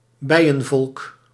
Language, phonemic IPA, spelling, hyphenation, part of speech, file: Dutch, /ˈbɛi̯ə(n)ˌvɔlk/, bijenvolk, bij‧en‧volk, noun, Nl-bijenvolk.ogg
- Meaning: bee colony